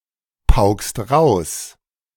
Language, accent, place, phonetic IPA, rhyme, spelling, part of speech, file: German, Germany, Berlin, [paʊ̯kt], -aʊ̯kt, paukt, verb, De-paukt.ogg
- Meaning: inflection of pauken: 1. second-person plural present 2. third-person singular present 3. plural imperative